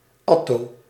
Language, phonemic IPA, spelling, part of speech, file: Dutch, /ˈɑ.toː/, atto-, prefix, Nl-atto-.ogg
- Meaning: atto-